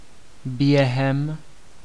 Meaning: 1. during 2. within (before the specified duration ends)
- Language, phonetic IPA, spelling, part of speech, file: Czech, [ˈbjɛɦɛm], během, preposition, Cs-během.ogg